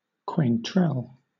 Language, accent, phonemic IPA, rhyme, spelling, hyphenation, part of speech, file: English, Southern England, /kweɪnˈtɹɛl/, -ɛl, quaintrelle, quain‧trelle, noun, LL-Q1860 (eng)-quaintrelle.wav
- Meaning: A woman who is focused on style and leisurely pastimes